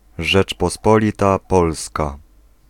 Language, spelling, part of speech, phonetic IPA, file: Polish, Rzeczpospolita Polska, proper noun, [ˌʒɛt͡ʃpɔˈspɔlʲita ˈpɔlska], Pl-Rzeczpospolita Polska.ogg